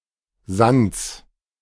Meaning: genitive singular of Sand
- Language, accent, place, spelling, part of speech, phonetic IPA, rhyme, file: German, Germany, Berlin, Sands, noun, [zant͡s], -ant͡s, De-Sands.ogg